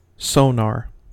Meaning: Artificial echolocation by use of electronic equipment, with hydrophones to locate objects underwater, using the same wave-analysis principles that radar uses
- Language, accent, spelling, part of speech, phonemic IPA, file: English, US, sonar, noun, /ˈsoʊ.nɑːɹ/, En-us-sonar.ogg